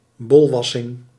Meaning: 1. a rough rub through the hair, as a mild warning (usually to a junior) or just in jest 2. a verbal dressing-down
- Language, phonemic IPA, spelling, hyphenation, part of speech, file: Dutch, /ˈbɔlˌʋɑ.sɪŋ/, bolwassing, bol‧was‧sing, noun, Nl-bolwassing.ogg